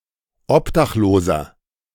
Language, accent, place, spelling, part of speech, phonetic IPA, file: German, Germany, Berlin, obdachloser, adjective, [ˈɔpdaxˌloːzɐ], De-obdachloser.ogg
- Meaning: inflection of obdachlos: 1. strong/mixed nominative masculine singular 2. strong genitive/dative feminine singular 3. strong genitive plural